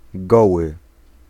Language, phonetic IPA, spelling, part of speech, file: Polish, [ˈɡɔwɨ], goły, adjective / noun, Pl-goły.ogg